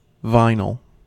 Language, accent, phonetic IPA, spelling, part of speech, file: English, US, [ˈvaɪ.nɫ̩], vinyl, noun / adjective, En-us-vinyl.ogg
- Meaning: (noun) 1. The univalent radical CH₂=CH−, derived from ethylene 2. Any of various compounds and substances containing the vinyl radical, especially various tough, flexible, shiny plastics